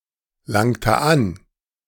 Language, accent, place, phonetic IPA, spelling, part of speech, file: German, Germany, Berlin, [ˌlaŋtə ˈan], langte an, verb, De-langte an.ogg
- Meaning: inflection of anlangen: 1. first/third-person singular preterite 2. first/third-person singular subjunctive II